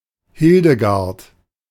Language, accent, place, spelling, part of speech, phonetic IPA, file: German, Germany, Berlin, Hildegard, proper noun, [ˈhɪldəɡaʁt], De-Hildegard.ogg
- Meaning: a female given name from the West Germanic languages used since Middle Ages, best known for the 12th-century saint Hildegard of Bingen